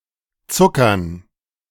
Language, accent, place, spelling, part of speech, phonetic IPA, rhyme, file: German, Germany, Berlin, Zuckern, noun, [ˈt͡sʊkɐn], -ʊkɐn, De-Zuckern.ogg
- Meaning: 1. dative plural of Zucker 2. gerund of zuckern